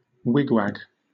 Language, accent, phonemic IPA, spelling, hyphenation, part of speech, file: English, Southern England, /ˈwɪɡwaɡ/, wigwag, wig‧wag, noun / verb / adverb, LL-Q1860 (eng)-wigwag.wav
- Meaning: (noun) Any of a number of mechanical or electrical devices which cause a component to oscillate between two states